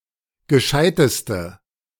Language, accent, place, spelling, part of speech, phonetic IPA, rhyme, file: German, Germany, Berlin, gescheiteste, adjective, [ɡəˈʃaɪ̯təstə], -aɪ̯təstə, De-gescheiteste.ogg
- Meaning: inflection of gescheit: 1. strong/mixed nominative/accusative feminine singular superlative degree 2. strong nominative/accusative plural superlative degree